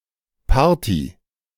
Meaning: party (social gathering)
- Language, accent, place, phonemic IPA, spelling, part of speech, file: German, Germany, Berlin, /ˈpaːɐ̯ti/, Party, noun, De-Party.ogg